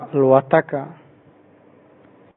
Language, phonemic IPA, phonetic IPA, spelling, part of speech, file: Pashto, /al.wa.tə.ka/, [äl.wä.t̪ə́.kä], الوتکه, noun, Ps-الوتکه.oga
- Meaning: airplane